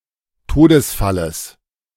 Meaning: genitive singular of Todesfall
- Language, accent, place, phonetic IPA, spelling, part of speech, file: German, Germany, Berlin, [ˈtoːdəsˌfaləs], Todesfalles, noun, De-Todesfalles.ogg